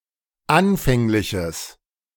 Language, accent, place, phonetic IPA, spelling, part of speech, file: German, Germany, Berlin, [ˈanfɛŋlɪçəs], anfängliches, adjective, De-anfängliches.ogg
- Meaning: strong/mixed nominative/accusative neuter singular of anfänglich